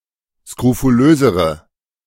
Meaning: inflection of skrofulös: 1. strong/mixed nominative/accusative feminine singular comparative degree 2. strong nominative/accusative plural comparative degree
- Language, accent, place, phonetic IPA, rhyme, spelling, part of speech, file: German, Germany, Berlin, [skʁofuˈløːzəʁə], -øːzəʁə, skrofulösere, adjective, De-skrofulösere.ogg